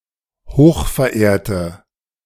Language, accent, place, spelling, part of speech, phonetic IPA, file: German, Germany, Berlin, hochverehrte, adjective, [ˈhoːxfɛɐ̯ˌʔeːɐ̯tə], De-hochverehrte.ogg
- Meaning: inflection of hochverehrt: 1. strong/mixed nominative/accusative feminine singular 2. strong nominative/accusative plural 3. weak nominative all-gender singular